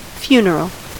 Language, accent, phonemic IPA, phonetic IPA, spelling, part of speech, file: English, General American, /ˈfju.nəɹ.əl/, [fjɪu̯.nɚəl], funeral, noun / adjective, En-us-funeral.ogg
- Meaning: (noun) 1. A ceremony to honor and remember a deceased person, often distinguished from a memorial service by the presence of the body of the deceased 2. A funeral sermon